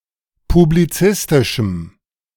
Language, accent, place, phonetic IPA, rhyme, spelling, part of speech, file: German, Germany, Berlin, [publiˈt͡sɪstɪʃm̩], -ɪstɪʃm̩, publizistischem, adjective, De-publizistischem.ogg
- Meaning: strong dative masculine/neuter singular of publizistisch